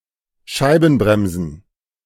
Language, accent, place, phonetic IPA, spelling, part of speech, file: German, Germany, Berlin, [ˈʃaɪ̯bn̩ˌbʁɛmzn̩], Scheibenbremsen, noun, De-Scheibenbremsen.ogg
- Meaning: plural of Scheibenbremse